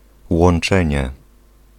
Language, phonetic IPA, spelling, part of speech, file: Polish, [wɔ̃n͇ˈt͡ʃɛ̃ɲɛ], łączenie, noun, Pl-łączenie.ogg